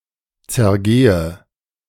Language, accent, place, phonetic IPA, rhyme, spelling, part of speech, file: German, Germany, Berlin, [t͡sɛɐ̯ˈɡeːə], -eːə, zergehe, verb, De-zergehe.ogg
- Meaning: inflection of zergehen: 1. first-person singular present 2. first/third-person singular subjunctive I 3. singular imperative